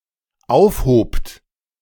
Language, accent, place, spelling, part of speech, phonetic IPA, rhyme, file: German, Germany, Berlin, aufhobt, verb, [ˈaʊ̯fˌhoːpt], -aʊ̯fhoːpt, De-aufhobt.ogg
- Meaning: second-person plural dependent preterite of aufheben